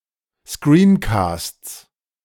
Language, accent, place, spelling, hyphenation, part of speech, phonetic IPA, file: German, Germany, Berlin, Screencasts, Screen‧casts, noun, [skriːnkɑːsts], De-Screencasts.ogg
- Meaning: 1. genitive singular of Screencast 2. plural of Screencast